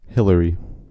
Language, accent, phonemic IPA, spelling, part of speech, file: English, US, /ˈhɪ.lə.ɹi/, Hillary, proper noun, En-us-Hillary.ogg
- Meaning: A unisex given name from Latin.: 1. A female given name from Latin Hilaria 2. A male given name from Latin Hilarius, variant of Hilary